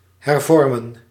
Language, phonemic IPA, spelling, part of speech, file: Dutch, /ˌɦɛrˈvɔr.mə(n)/, hervormen, verb, Nl-hervormen.ogg
- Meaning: to reform